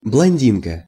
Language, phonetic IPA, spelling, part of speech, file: Russian, [bɫɐnʲˈdʲinkə], блондинка, noun, Ru-блондинка.ogg
- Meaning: female equivalent of блонди́н (blondín): blonde (fair-skinned, fair-haired woman or girl)